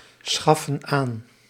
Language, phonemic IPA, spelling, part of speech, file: Dutch, /ˈsxɑfə(n) ˈan/, schaffen aan, verb, Nl-schaffen aan.ogg
- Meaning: inflection of aanschaffen: 1. plural present indicative 2. plural present subjunctive